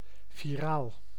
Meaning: 1. viral (pertaining to viruses) 2. viral (spreading rapidly on the internet through word of mouth)
- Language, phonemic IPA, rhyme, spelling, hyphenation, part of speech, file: Dutch, /viˈraːl/, -aːl, viraal, vi‧raal, adjective, Nl-viraal.ogg